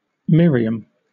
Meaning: 1. The sister of Moses and Aaron and the daughter of Amram and Jochebed 2. Synonym of Mary, mother of Jesus, chiefly in contexts emphasizing her historical or Jewish identity
- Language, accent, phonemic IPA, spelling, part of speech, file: English, Southern England, /ˈmɪɹi.əm/, Miriam, proper noun, LL-Q1860 (eng)-Miriam.wav